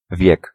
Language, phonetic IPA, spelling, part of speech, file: Polish, [vʲjɛk], wiek, noun, Pl-wiek.ogg